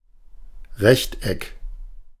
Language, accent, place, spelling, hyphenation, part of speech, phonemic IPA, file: German, Germany, Berlin, Rechteck, Recht‧eck, noun, /ˈʁɛçt ˈɛk/, De-Rechteck.ogg
- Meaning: rectangle